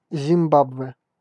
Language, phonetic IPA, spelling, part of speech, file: Russian, [zʲɪmˈbabvɛ], Зимбабве, proper noun, Ru-Зимбабве.ogg
- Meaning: Zimbabwe (a country in Southern Africa)